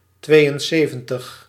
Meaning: seventy-two
- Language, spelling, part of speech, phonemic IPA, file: Dutch, tweeënzeventig, numeral, /ˈtʋeːjənˌseːvə(n)təx/, Nl-tweeënzeventig.ogg